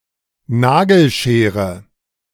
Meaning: nail scissors
- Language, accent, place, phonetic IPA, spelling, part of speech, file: German, Germany, Berlin, [ˈnaɡl̩ˌʃeːʁə], Nagelschere, noun, De-Nagelschere.ogg